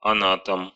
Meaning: anatomist
- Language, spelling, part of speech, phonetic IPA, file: Russian, анатом, noun, [ɐˈnatəm], Ru-ана́том.ogg